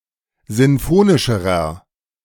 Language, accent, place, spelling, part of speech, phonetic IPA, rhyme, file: German, Germany, Berlin, sinfonischerer, adjective, [ˌzɪnˈfoːnɪʃəʁɐ], -oːnɪʃəʁɐ, De-sinfonischerer.ogg
- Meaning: inflection of sinfonisch: 1. strong/mixed nominative masculine singular comparative degree 2. strong genitive/dative feminine singular comparative degree 3. strong genitive plural comparative degree